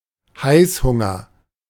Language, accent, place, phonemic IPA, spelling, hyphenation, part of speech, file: German, Germany, Berlin, /ˈhaɪ̯sˌhʊŋɐ/, Heißhunger, Heiß‧hun‧ger, noun, De-Heißhunger.ogg
- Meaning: munchies, craving (for food)